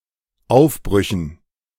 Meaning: dative plural of Aufbruch
- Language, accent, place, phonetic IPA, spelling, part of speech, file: German, Germany, Berlin, [ˈaʊ̯fˌbʁʏçn̩], Aufbrüchen, noun, De-Aufbrüchen.ogg